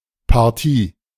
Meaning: 1. match, game 2. part, area
- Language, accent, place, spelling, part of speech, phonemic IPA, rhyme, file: German, Germany, Berlin, Partie, noun, /paʁˈtiː/, -iː, De-Partie.ogg